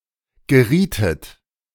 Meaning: second-person plural subjunctive I of geraten
- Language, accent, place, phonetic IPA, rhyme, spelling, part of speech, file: German, Germany, Berlin, [ɡəˈʁiːtət], -iːtət, gerietet, verb, De-gerietet.ogg